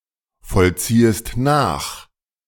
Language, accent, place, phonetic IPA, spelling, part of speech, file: German, Germany, Berlin, [fɔlˌt͡siːəst ˈnaːx], vollziehest nach, verb, De-vollziehest nach.ogg
- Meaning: second-person singular subjunctive I of nachvollziehen